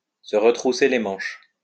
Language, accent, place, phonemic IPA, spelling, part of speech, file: French, France, Lyon, /sə ʁə.tʁu.se le mɑ̃ʃ/, se retrousser les manches, verb, LL-Q150 (fra)-se retrousser les manches.wav
- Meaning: alternative form of retrousser ses manches